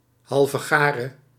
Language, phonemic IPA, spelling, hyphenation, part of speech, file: Dutch, /ˌɦɑl.vəˈɣaː.rə/, halvegare, hal‧ve‧ga‧re, noun, Nl-halvegare.ogg
- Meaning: idiot, fool, nutcase